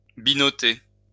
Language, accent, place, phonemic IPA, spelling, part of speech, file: French, France, Lyon, /bi.nɔ.te/, binoter, verb, LL-Q150 (fra)-binoter.wav
- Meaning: to hoe